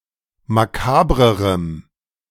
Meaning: strong dative masculine/neuter singular comparative degree of makaber
- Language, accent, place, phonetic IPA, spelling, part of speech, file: German, Germany, Berlin, [maˈkaːbʁəʁəm], makabrerem, adjective, De-makabrerem.ogg